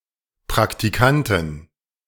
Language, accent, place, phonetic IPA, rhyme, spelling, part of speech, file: German, Germany, Berlin, [pʁaktiˈkantɪn], -antɪn, Praktikantin, noun, De-Praktikantin.ogg
- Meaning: A female trainee